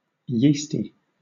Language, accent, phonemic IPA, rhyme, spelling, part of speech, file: English, Southern England, /ˈjiːsti/, -iːsti, yeasty, adjective, LL-Q1860 (eng)-yeasty.wav
- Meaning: 1. Having or resembling yeast 2. Foamy and frothy 3. Emotionally bubbling over (as with exuberance) 4. Trivial